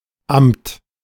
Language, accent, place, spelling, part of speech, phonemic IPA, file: German, Germany, Berlin, Amt, noun, /amt/, De-Amt.ogg
- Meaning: 1. agency; department; office (state institution responsible for specified concerns) 2. office; post (public function, e.g. of a civil servant) 3. mass; office